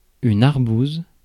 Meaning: arbutus berry (fruit of the strawberry tree)
- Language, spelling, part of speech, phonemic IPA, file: French, arbouse, noun, /aʁ.buz/, Fr-arbouse.ogg